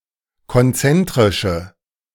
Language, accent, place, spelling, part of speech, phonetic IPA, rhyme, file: German, Germany, Berlin, konzentrische, adjective, [kɔnˈt͡sɛntʁɪʃə], -ɛntʁɪʃə, De-konzentrische.ogg
- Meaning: inflection of konzentrisch: 1. strong/mixed nominative/accusative feminine singular 2. strong nominative/accusative plural 3. weak nominative all-gender singular